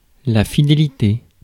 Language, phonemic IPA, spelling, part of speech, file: French, /fi.de.li.te/, fidélité, noun, Fr-fidélité.ogg
- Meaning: faithfulness, fidelity